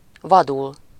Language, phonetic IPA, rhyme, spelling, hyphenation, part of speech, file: Hungarian, [ˈvɒdul], -ul, vadul, va‧dul, adverb / verb, Hu-vadul.ogg
- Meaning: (adverb) wildly, fiercely, madly; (verb) to become wild, lose one's temper